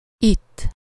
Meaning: here, over here (in this place)
- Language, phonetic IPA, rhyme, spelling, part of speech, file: Hungarian, [ˈitː], -itː, itt, adverb, Hu-itt.ogg